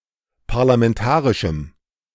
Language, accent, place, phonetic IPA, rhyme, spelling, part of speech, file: German, Germany, Berlin, [paʁlamɛnˈtaːʁɪʃm̩], -aːʁɪʃm̩, parlamentarischem, adjective, De-parlamentarischem.ogg
- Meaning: strong dative masculine/neuter singular of parlamentarisch